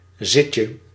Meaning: 1. diminutive of zit 2. a small social gathering at someone's home
- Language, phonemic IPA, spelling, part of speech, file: Dutch, /ˈzɪcə/, zitje, noun, Nl-zitje.ogg